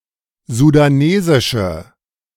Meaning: inflection of sudanesisch: 1. strong/mixed nominative/accusative feminine singular 2. strong nominative/accusative plural 3. weak nominative all-gender singular
- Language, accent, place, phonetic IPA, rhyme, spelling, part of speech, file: German, Germany, Berlin, [zudaˈneːzɪʃə], -eːzɪʃə, sudanesische, adjective, De-sudanesische.ogg